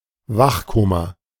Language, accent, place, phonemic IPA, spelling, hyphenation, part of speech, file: German, Germany, Berlin, /ˈvaxˌkoːma/, Wachkoma, Wach‧ko‧ma, noun, De-Wachkoma.ogg
- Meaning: coma vigil